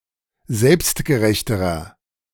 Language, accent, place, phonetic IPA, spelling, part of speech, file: German, Germany, Berlin, [ˈzɛlpstɡəˌʁɛçtəʁɐ], selbstgerechterer, adjective, De-selbstgerechterer.ogg
- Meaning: inflection of selbstgerecht: 1. strong/mixed nominative masculine singular comparative degree 2. strong genitive/dative feminine singular comparative degree